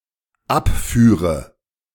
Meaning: first/third-person singular dependent subjunctive II of abfahren
- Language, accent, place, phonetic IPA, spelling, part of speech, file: German, Germany, Berlin, [ˈapˌfyːʁə], abführe, verb, De-abführe.ogg